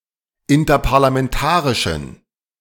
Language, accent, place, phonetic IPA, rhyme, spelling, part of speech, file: German, Germany, Berlin, [ˌɪntɐpaʁlamɛnˈtaːʁɪʃn̩], -aːʁɪʃn̩, interparlamentarischen, adjective, De-interparlamentarischen.ogg
- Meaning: inflection of interparlamentarisch: 1. strong genitive masculine/neuter singular 2. weak/mixed genitive/dative all-gender singular 3. strong/weak/mixed accusative masculine singular